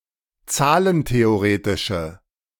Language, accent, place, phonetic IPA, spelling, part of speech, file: German, Germany, Berlin, [ˈt͡saːlənteoˌʁeːtɪʃə], zahlentheoretische, adjective, De-zahlentheoretische.ogg
- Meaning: inflection of zahlentheoretisch: 1. strong/mixed nominative/accusative feminine singular 2. strong nominative/accusative plural 3. weak nominative all-gender singular